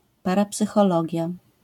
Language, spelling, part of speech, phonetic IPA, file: Polish, parapsychologia, noun, [ˌparapsɨxɔˈlɔɟja], LL-Q809 (pol)-parapsychologia.wav